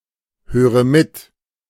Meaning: inflection of mithören: 1. first-person singular present 2. first/third-person singular subjunctive I 3. singular imperative
- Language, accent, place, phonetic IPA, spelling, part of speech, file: German, Germany, Berlin, [ˌhøːʁə ˈmɪt], höre mit, verb, De-höre mit.ogg